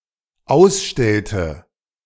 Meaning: inflection of ausstellen: 1. first/third-person singular dependent preterite 2. first/third-person singular dependent subjunctive II
- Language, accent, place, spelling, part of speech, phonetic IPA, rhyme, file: German, Germany, Berlin, ausstellte, verb, [ˈaʊ̯sˌʃtɛltə], -aʊ̯sʃtɛltə, De-ausstellte.ogg